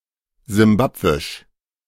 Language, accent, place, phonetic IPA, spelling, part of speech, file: German, Germany, Berlin, [zɪmˈbapvɪʃ], simbabwisch, adjective, De-simbabwisch.ogg
- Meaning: Zimbabwean